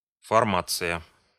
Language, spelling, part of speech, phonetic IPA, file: Russian, формация, noun, [fɐrˈmat͡sɨjə], Ru-формация.ogg
- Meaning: 1. formation, structure 2. formation